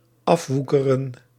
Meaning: 1. to set apart and dedicate to a specific purpose (often implying considerable difficulty or sacrifice) 2. to defraud, to scam
- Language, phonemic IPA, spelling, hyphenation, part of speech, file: Dutch, /ˈɑfˌʋu.kə.rə(n)/, afwoekeren, af‧woe‧ke‧ren, verb, Nl-afwoekeren.ogg